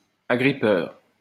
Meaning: gripping, clinging
- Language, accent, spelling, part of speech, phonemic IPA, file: French, France, agrippeur, adjective, /a.ɡʁi.pœʁ/, LL-Q150 (fra)-agrippeur.wav